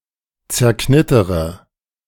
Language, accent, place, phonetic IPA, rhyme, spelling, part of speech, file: German, Germany, Berlin, [t͡sɛɐ̯ˈknɪtəʁə], -ɪtəʁə, zerknittere, verb, De-zerknittere.ogg
- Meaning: inflection of zerknittern: 1. first-person singular present 2. first-person plural subjunctive I 3. third-person singular subjunctive I 4. singular imperative